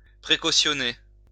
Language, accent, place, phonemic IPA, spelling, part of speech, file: French, France, Lyon, /pʁe.ko.sjɔ.ne/, précautionner, verb, LL-Q150 (fra)-précautionner.wav
- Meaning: to forewarn